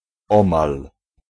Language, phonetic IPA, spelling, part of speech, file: Polish, [ˈɔ̃mal], omal, adverb / particle, Pl-omal.ogg